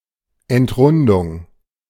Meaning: unrounding
- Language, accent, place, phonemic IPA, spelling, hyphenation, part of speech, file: German, Germany, Berlin, /ɛntˈʁʊndʊŋ/, Entrundung, Ent‧run‧dung, noun, De-Entrundung.ogg